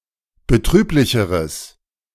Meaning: strong/mixed nominative/accusative neuter singular comparative degree of betrüblich
- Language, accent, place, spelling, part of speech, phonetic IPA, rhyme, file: German, Germany, Berlin, betrüblicheres, adjective, [bəˈtʁyːplɪçəʁəs], -yːplɪçəʁəs, De-betrüblicheres.ogg